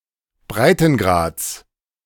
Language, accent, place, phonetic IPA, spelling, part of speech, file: German, Germany, Berlin, [ˈbʁaɪ̯tn̩ˌɡʁaːt͡s], Breitengrads, noun, De-Breitengrads.ogg
- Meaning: genitive of Breitengrad